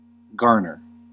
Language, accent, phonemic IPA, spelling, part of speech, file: English, US, /ˈɡɑːɹ.nɚ/, garner, noun / verb, En-us-garner.ogg
- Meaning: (noun) 1. A granary; a store of grain 2. An accumulation, supply, store, or hoard of something; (verb) To reap grain, gather it up, and store it in a granary